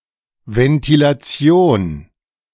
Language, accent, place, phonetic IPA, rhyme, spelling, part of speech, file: German, Germany, Berlin, [vɛntilaˈt͡si̯oːn], -oːn, Ventilation, noun, De-Ventilation.ogg
- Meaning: ventilation